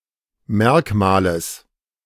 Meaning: genitive singular of Merkmal
- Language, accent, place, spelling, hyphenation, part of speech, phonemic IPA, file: German, Germany, Berlin, Merkmales, Merk‧ma‧les, noun, /ˈmɛʁkmaːləs/, De-Merkmales.ogg